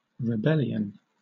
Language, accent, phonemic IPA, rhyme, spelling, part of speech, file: English, Southern England, /ɹɪˈbɛl.i.ən/, -ɛliən, rebellion, noun, LL-Q1860 (eng)-rebellion.wav
- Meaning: 1. Armed resistance to an established government or ruler 2. Defiance of authority or control; the act of rebelling